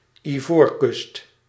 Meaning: Ivory Coast, Côte d'Ivoire (a country in West Africa)
- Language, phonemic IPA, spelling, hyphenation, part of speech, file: Dutch, /iˈvoːr.kʏst/, Ivoorkust, Ivoor‧kust, proper noun, Nl-Ivoorkust.ogg